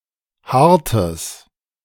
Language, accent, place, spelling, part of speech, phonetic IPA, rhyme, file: German, Germany, Berlin, hartes, adjective, [ˈhaʁtəs], -aʁtəs, De-hartes.ogg
- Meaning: strong/mixed nominative/accusative neuter singular of hart